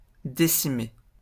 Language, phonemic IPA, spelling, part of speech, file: French, /de.si.me/, décimer, verb, LL-Q150 (fra)-décimer.wav
- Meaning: 1. to decimate (reduce by one tenth) 2. to decimate (massacre, almost wipe out)